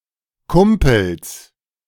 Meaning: 1. genitive singular of Kumpel 2. plural of Kumpel
- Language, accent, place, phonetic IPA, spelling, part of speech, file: German, Germany, Berlin, [ˈkʊmpl̩s], Kumpels, noun, De-Kumpels.ogg